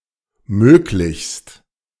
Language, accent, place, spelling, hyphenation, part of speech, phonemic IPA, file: German, Germany, Berlin, möglichst, mög‧lichst, adverb, /ˈmøːklɪçst/, De-möglichst.ogg
- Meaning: 1. as much as possible 2. preferably